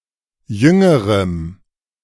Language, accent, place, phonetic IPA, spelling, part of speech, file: German, Germany, Berlin, [ˈjʏŋəʁəm], jüngerem, adjective, De-jüngerem.ogg
- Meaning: strong dative masculine/neuter singular comparative degree of jung